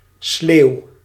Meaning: alternative form of slee
- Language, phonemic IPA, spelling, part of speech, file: Dutch, /slew/, sleeuw, adjective, Nl-sleeuw.ogg